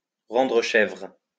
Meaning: to drive nuts, to drive crazy, to drive up the wall
- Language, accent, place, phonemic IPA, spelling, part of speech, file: French, France, Lyon, /ʁɑ̃.dʁə ʃɛvʁ/, rendre chèvre, verb, LL-Q150 (fra)-rendre chèvre.wav